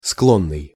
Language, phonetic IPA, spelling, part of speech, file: Russian, [ˈskɫonːɨj], склонный, adjective, Ru-склонный.ogg
- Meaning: 1. inclined 2. addicted (being dependent on something)